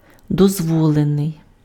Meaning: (verb) passive adjectival past participle of дозво́лити pf (dozvólyty); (adjective) allowed, permitted
- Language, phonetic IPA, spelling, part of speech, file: Ukrainian, [dɔzˈwɔɫenei̯], дозволений, verb / adjective, Uk-дозволений.ogg